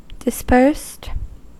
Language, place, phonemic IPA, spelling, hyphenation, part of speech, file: English, California, /dɪˈspɝst/, dispersed, dis‧persed, adjective / verb, En-us-dispersed.ogg
- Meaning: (adjective) Spread out in space and/or time; not concentrated; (verb) simple past and past participle of disperse